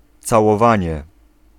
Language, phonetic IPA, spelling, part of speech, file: Polish, [ˌt͡sawɔˈvãɲɛ], całowanie, noun, Pl-całowanie.ogg